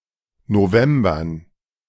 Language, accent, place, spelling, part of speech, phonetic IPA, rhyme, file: German, Germany, Berlin, Novembern, noun, [noˈvɛmbɐn], -ɛmbɐn, De-Novembern.ogg
- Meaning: dative plural of November